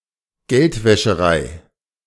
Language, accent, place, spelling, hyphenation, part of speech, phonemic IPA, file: German, Germany, Berlin, Geldwäscherei, Geld‧wä‧sche‧rei, noun, /ˈɡɛltvɛʃəˌʁaɪ̯/, De-Geldwäscherei.ogg
- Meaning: money laundering